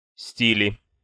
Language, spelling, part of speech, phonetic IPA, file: Russian, стили, noun, [ˈsʲtʲilʲɪ], Ru-сти́ли.ogg
- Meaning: nominative/accusative plural of стиль (stilʹ)